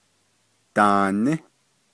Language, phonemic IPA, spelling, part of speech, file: Navajo, /tɑ̀ːnɪ́/, daaní, verb, Nv-daaní.ogg
- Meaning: third-person plural imperfective of ní